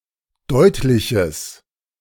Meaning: strong/mixed nominative/accusative neuter singular of deutlich
- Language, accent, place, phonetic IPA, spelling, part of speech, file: German, Germany, Berlin, [ˈdɔɪ̯tlɪçəs], deutliches, adjective, De-deutliches.ogg